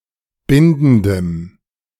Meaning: strong dative masculine/neuter singular of bindend
- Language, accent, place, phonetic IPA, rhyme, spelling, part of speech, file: German, Germany, Berlin, [ˈbɪndn̩dəm], -ɪndn̩dəm, bindendem, adjective, De-bindendem.ogg